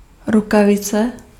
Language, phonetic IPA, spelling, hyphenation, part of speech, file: Czech, [ˈrukavɪt͡sɛ], rukavice, ru‧ka‧vi‧ce, noun, Cs-rukavice.ogg
- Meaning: glove (item of clothing)